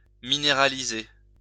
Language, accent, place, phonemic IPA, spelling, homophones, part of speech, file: French, France, Lyon, /mi.ne.ʁa.li.ze/, minéraliser, minéralisai / minéralisé / minéralisée / minéralisées / minéralisés / minéralisez, verb, LL-Q150 (fra)-minéraliser.wav
- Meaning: to mineralize